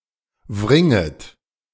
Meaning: second-person plural subjunctive I of wringen
- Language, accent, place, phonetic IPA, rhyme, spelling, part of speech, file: German, Germany, Berlin, [ˈvʁɪŋət], -ɪŋət, wringet, verb, De-wringet.ogg